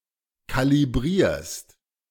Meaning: second-person singular present of kalibrieren
- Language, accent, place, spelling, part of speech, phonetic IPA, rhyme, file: German, Germany, Berlin, kalibrierst, verb, [ˌkaliˈbʁiːɐ̯st], -iːɐ̯st, De-kalibrierst.ogg